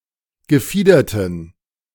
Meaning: inflection of gefiedert: 1. strong genitive masculine/neuter singular 2. weak/mixed genitive/dative all-gender singular 3. strong/weak/mixed accusative masculine singular 4. strong dative plural
- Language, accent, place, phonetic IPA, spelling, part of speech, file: German, Germany, Berlin, [ɡəˈfiːdɐtən], gefiederten, adjective, De-gefiederten.ogg